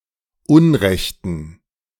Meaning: inflection of unrecht: 1. strong genitive masculine/neuter singular 2. weak/mixed genitive/dative all-gender singular 3. strong/weak/mixed accusative masculine singular 4. strong dative plural
- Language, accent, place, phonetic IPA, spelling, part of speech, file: German, Germany, Berlin, [ˈʊnˌʁɛçtn̩], unrechten, adjective, De-unrechten.ogg